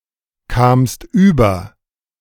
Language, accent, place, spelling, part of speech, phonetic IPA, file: German, Germany, Berlin, kamst über, verb, [ˌkaːmst ˈyːbɐ], De-kamst über.ogg
- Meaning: second-person singular preterite of überkommen